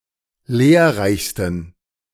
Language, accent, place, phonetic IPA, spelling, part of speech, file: German, Germany, Berlin, [ˈleːɐ̯ˌʁaɪ̯çstn̩], lehrreichsten, adjective, De-lehrreichsten.ogg
- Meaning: 1. superlative degree of lehrreich 2. inflection of lehrreich: strong genitive masculine/neuter singular superlative degree